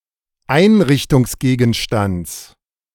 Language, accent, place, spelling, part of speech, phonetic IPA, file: German, Germany, Berlin, Einrichtungsgegenstands, noun, [ˈaɪ̯nʁɪçtʊŋsˌɡeːɡn̩ʃtant͡s], De-Einrichtungsgegenstands.ogg
- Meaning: genitive singular of Einrichtungsgegenstand